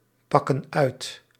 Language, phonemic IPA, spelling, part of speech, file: Dutch, /ˈpɑkə(n) ˈœyt/, pakken uit, verb, Nl-pakken uit.ogg
- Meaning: inflection of uitpakken: 1. plural present indicative 2. plural present subjunctive